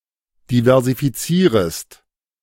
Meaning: second-person singular subjunctive I of diversifizieren
- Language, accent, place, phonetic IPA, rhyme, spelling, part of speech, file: German, Germany, Berlin, [divɛʁzifiˈt͡siːʁəst], -iːʁəst, diversifizierest, verb, De-diversifizierest.ogg